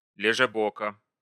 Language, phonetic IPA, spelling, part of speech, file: Russian, [lʲɪʐɨˈbokə], лежебока, noun, Ru-лежебока.ogg
- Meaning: lazybones, idler, slacker, loafer (procrastinating or lazy person)